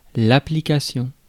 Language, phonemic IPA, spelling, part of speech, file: French, /a.pli.ka.sjɔ̃/, application, noun, Fr-application.ogg
- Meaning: 1. application 2. mapping